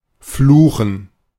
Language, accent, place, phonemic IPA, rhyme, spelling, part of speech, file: German, Germany, Berlin, /ˈfluːxn̩/, -uːxn̩, fluchen, verb, De-fluchen.ogg
- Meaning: to swear, to curse